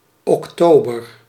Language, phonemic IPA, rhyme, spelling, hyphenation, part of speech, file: Dutch, /ˌɔkˈtoː.bər/, -oːbər, oktober, ok‧to‧ber, noun, Nl-oktober.ogg
- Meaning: October (the tenth month of the Gregorian calendar, following September and preceding November)